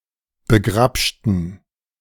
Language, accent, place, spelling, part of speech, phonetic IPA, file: German, Germany, Berlin, begrabschten, adjective / verb, [bəˈɡʁapʃtn̩], De-begrabschten.ogg
- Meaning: inflection of begrabschen: 1. first/third-person plural preterite 2. first/third-person plural subjunctive II